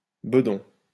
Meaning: paunch, pot belly
- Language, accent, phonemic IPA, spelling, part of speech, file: French, France, /bə.dɔ̃/, bedon, noun, LL-Q150 (fra)-bedon.wav